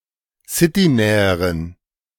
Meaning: inflection of citynah: 1. strong genitive masculine/neuter singular comparative degree 2. weak/mixed genitive/dative all-gender singular comparative degree
- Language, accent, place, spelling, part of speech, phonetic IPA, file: German, Germany, Berlin, citynäheren, adjective, [ˈsɪtiˌnɛːəʁən], De-citynäheren.ogg